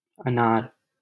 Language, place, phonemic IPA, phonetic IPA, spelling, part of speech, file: Hindi, Delhi, /ə.nɑːɾ/, [ɐ.näːɾ], अनार, noun, LL-Q1568 (hin)-अनार.wav
- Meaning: pomegranate